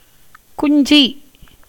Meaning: 1. chick, fledgling 2. penis
- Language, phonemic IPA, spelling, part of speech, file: Tamil, /kʊɲdʒiː/, குஞ்சி, noun, Ta-குஞ்சி.ogg